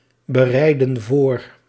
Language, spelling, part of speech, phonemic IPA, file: Dutch, bereidden voor, verb, /bəˈrɛidə(n) ˈvor/, Nl-bereidden voor.ogg
- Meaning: inflection of voorbereiden: 1. plural past indicative 2. plural past subjunctive